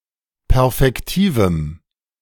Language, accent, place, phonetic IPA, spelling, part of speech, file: German, Germany, Berlin, [ˈpɛʁfɛktiːvm̩], perfektivem, adjective, De-perfektivem.ogg
- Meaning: strong dative masculine/neuter singular of perfektiv